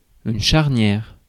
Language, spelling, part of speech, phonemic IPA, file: French, charnière, noun, /ʃaʁ.njɛʁ/, Fr-charnière.ogg
- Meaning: 1. hinge 2. joint (of a bone) 3. turning point (pivotal moment)